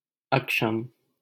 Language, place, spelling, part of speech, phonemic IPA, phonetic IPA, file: Hindi, Delhi, अक्षम, adjective, /ək.ʂəm/, [ɐk.ʃɐ̃m], LL-Q1568 (hin)-अक्षम.wav
- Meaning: incompetent, incapable, handicapped